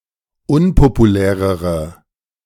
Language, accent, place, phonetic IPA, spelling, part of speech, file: German, Germany, Berlin, [ˈʊnpopuˌlɛːʁəʁə], unpopulärere, adjective, De-unpopulärere.ogg
- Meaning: inflection of unpopulär: 1. strong/mixed nominative/accusative feminine singular comparative degree 2. strong nominative/accusative plural comparative degree